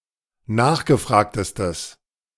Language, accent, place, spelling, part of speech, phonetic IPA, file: German, Germany, Berlin, nachgefragtestes, adjective, [ˈnaːxɡəˌfʁaːktəstəs], De-nachgefragtestes.ogg
- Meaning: strong/mixed nominative/accusative neuter singular superlative degree of nachgefragt